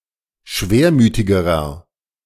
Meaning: inflection of schwermütig: 1. strong/mixed nominative masculine singular comparative degree 2. strong genitive/dative feminine singular comparative degree 3. strong genitive plural comparative degree
- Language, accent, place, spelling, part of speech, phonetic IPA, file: German, Germany, Berlin, schwermütigerer, adjective, [ˈʃveːɐ̯ˌmyːtɪɡəʁɐ], De-schwermütigerer.ogg